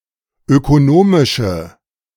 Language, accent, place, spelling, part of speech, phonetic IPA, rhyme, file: German, Germany, Berlin, ökonomische, adjective, [økoˈnoːmɪʃə], -oːmɪʃə, De-ökonomische.ogg
- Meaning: inflection of ökonomisch: 1. strong/mixed nominative/accusative feminine singular 2. strong nominative/accusative plural 3. weak nominative all-gender singular